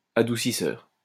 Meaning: water softener
- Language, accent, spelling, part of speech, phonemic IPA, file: French, France, adoucisseur, noun, /a.du.si.sœʁ/, LL-Q150 (fra)-adoucisseur.wav